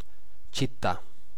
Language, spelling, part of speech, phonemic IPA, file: Italian, città, noun, /t͡ʃitˈta/, It-città.ogg